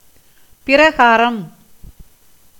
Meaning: 1. manner, mode, way, means 2. likeness, similarity 3. kind, species, sort 4. quality, property, essence, nature
- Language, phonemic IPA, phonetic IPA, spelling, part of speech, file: Tamil, /pɪɾɐɡɑːɾɐm/, [pɪɾɐɡäːɾɐm], பிரகாரம், noun, Ta-பிரகாரம்.ogg